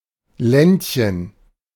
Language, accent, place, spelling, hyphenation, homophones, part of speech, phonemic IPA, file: German, Germany, Berlin, Ländchen, Länd‧chen, Lendchen, noun, /ˈlɛntçən/, De-Ländchen.ogg
- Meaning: diminutive of Land